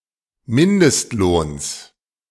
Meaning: genitive singular of Mindestlohn
- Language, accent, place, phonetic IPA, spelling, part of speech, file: German, Germany, Berlin, [ˈmɪndəstˌloːns], Mindestlohns, noun, De-Mindestlohns.ogg